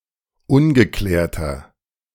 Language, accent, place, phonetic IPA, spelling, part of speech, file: German, Germany, Berlin, [ˈʊnɡəˌklɛːɐ̯tɐ], ungeklärter, adjective, De-ungeklärter.ogg
- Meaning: 1. comparative degree of ungeklärt 2. inflection of ungeklärt: strong/mixed nominative masculine singular 3. inflection of ungeklärt: strong genitive/dative feminine singular